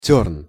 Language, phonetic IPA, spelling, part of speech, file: Russian, [tʲɵrn], тёрн, noun, Ru-тёрн.ogg
- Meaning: sloe, blackthorn (fruit and tree)